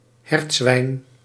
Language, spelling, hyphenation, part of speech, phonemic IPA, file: Dutch, hertzwijn, hert‧zwijn, noun, /ˈɦɛrt.sʋɛi̯n/, Nl-hertzwijn.ogg
- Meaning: babirusa, pig of the genus Babyrousa